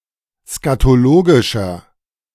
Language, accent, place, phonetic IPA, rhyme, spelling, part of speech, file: German, Germany, Berlin, [skatoˈloːɡɪʃɐ], -oːɡɪʃɐ, skatologischer, adjective, De-skatologischer.ogg
- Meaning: inflection of skatologisch: 1. strong/mixed nominative masculine singular 2. strong genitive/dative feminine singular 3. strong genitive plural